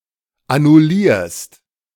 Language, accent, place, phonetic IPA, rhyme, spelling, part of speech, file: German, Germany, Berlin, [anʊˈliːɐ̯st], -iːɐ̯st, annullierst, verb, De-annullierst.ogg
- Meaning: second-person singular present of annullieren